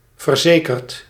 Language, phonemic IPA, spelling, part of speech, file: Dutch, /vərˈzekərt/, verzekerd, adjective / verb, Nl-verzekerd.ogg
- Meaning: past participle of verzekeren